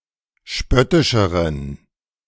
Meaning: inflection of spöttisch: 1. strong genitive masculine/neuter singular comparative degree 2. weak/mixed genitive/dative all-gender singular comparative degree
- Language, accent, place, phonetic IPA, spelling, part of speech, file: German, Germany, Berlin, [ˈʃpœtɪʃəʁən], spöttischeren, adjective, De-spöttischeren.ogg